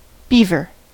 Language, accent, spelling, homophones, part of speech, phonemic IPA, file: English, US, beaver, Belvoir / bever / bevor, noun / verb, /ˈbivɚ/, En-us-beaver.ogg
- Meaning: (noun) 1. A semiaquatic rodent of the genus Castor, having a wide, flat tail and webbed feet, native to the Northern Hemisphere 2. The fur of the beaver